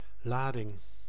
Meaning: 1. cargo 2. charge, tension 3. charge 4. undertone, undercurrent
- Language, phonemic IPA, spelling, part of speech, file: Dutch, /ˈladɪŋ/, lading, noun, Nl-lading.ogg